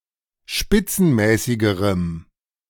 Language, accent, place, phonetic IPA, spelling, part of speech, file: German, Germany, Berlin, [ˈʃpɪt͡sn̩ˌmɛːsɪɡəʁəm], spitzenmäßigerem, adjective, De-spitzenmäßigerem.ogg
- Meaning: strong dative masculine/neuter singular comparative degree of spitzenmäßig